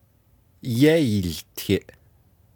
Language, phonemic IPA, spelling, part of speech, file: Navajo, /jɛ́ìːltʰɪ̀ʔ/, yéiiltiʼ, verb, Nv-yéiiltiʼ.oga
- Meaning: 1. first-person duoplural imperfective of yáłtiʼ 2. first-person duoplural perfective of yáłtiʼ